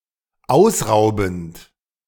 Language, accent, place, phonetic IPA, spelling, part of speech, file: German, Germany, Berlin, [ˈaʊ̯sˌʁaʊ̯bn̩t], ausraubend, verb, De-ausraubend.ogg
- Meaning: present participle of ausrauben